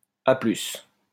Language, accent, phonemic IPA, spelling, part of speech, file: French, France, /a plys/, à plus, interjection, LL-Q150 (fra)-à plus.wav
- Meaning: see you, later, laters